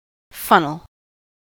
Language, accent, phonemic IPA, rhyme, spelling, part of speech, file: English, US, /ˈfʌnəl/, -ʌnəl, funnel, noun / verb, En-us-funnel.ogg